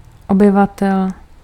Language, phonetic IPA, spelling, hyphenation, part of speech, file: Czech, [ˈobɪvatɛl], obyvatel, oby‧va‧tel, noun, Cs-obyvatel.ogg
- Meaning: inhabitant